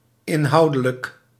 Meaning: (adjective) substantive; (adverb) substantively (concerning content)
- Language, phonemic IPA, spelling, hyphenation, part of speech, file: Dutch, /ˌɪnˈɦɑu̯.də.lək/, inhoudelijk, in‧hou‧de‧lijk, adjective / adverb, Nl-inhoudelijk.ogg